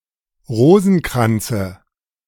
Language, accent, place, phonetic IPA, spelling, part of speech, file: German, Germany, Berlin, [ˈʁoːzn̩ˌkʁant͡sə], Rosenkranze, noun, De-Rosenkranze.ogg
- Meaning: dative of Rosenkranz